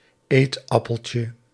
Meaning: diminutive of eetappel
- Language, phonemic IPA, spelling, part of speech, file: Dutch, /ˈetɑpəlcə/, eetappeltje, noun, Nl-eetappeltje.ogg